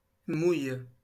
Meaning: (verb) inflection of mouiller: 1. first/third-person singular present indicative/subjunctive 2. second-person singular imperative; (noun) vaginal secretion, vaginal lubrication
- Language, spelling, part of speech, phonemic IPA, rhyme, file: French, mouille, verb / noun, /muj/, -uj, LL-Q150 (fra)-mouille.wav